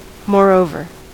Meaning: In addition to what has been said
- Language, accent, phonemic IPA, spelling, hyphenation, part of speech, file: English, US, /moɹˈoʊ.vɚ/, moreover, more‧over, adverb, En-us-moreover.ogg